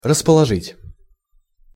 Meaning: 1. to place, to dispose, to arrange, to set 2. to gain, to win over 3. to dispose, to be favourable, to be conducive
- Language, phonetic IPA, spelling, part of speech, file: Russian, [rəspəɫɐˈʐɨtʲ], расположить, verb, Ru-расположить.ogg